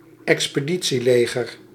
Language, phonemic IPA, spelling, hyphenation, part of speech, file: Dutch, /ɛks.pəˈdi.(t)siˌleː.ɣər/, expeditieleger, ex‧pe‧di‧tie‧le‧ger, noun, Nl-expeditieleger.ogg
- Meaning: expeditionary force, expeditionary army